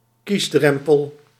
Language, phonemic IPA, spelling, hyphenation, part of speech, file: Dutch, /ˈkisˌdrɛm.pəl/, kiesdrempel, kies‧drem‧pel, noun, Nl-kiesdrempel.ogg
- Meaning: electoral threshold